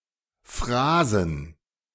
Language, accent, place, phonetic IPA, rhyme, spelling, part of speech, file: German, Germany, Berlin, [ˈfʁaːzn̩], -aːzn̩, Phrasen, noun, De-Phrasen.ogg
- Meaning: plural of Phrase